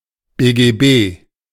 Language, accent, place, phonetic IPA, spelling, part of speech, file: German, Germany, Berlin, [beːɡeːˈbeː], BGB, noun, De-BGB.ogg
- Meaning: initialism of Bürgerliches Gesetzbuch